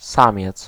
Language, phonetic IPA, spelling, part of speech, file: Polish, [ˈsãmʲjɛt͡s], samiec, noun, Pl-samiec.ogg